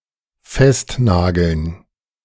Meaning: 1. to nail, to nail down (to employ a nail as a fastener) 2. to pin down (to corner someone in order to get a firm answer)
- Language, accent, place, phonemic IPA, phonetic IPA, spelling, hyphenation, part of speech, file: German, Germany, Berlin, /ˈfɛstˌnaːɡəln/, [ˈfɛstˌnaːɡl̩n], festnageln, fest‧na‧geln, verb, De-festnageln.ogg